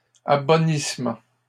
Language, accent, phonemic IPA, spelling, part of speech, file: French, Canada, /a.bɔ.nis.mɑ̃/, abonnissement, noun, LL-Q150 (fra)-abonnissement.wav
- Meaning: improvement or amelioration of the soil or of wine